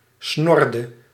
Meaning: inflection of snorren: 1. singular past indicative 2. singular past subjunctive
- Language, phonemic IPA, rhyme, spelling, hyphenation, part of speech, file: Dutch, /ˈsnɔrdə/, -ɔrdə, snorde, snor‧de, verb, Nl-snorde.ogg